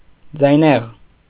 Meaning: 1. having a loud or sonorous voice 2. voiced
- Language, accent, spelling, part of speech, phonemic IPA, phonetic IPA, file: Armenian, Eastern Armenian, ձայնեղ, adjective, /d͡zɑjˈneʁ/, [d͡zɑjnéʁ], Hy-ձայնեղ.ogg